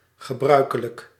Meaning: 1. usual 2. customary
- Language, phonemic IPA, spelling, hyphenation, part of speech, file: Dutch, /ɣəˈbrœy̯.kə.lək/, gebruikelijk, ge‧brui‧ke‧lijk, adjective, Nl-gebruikelijk.ogg